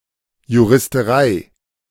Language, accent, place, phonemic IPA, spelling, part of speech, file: German, Germany, Berlin, /juʁɪstəˈʁaɪ̯/, Juristerei, noun, De-Juristerei.ogg
- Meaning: jurisprudence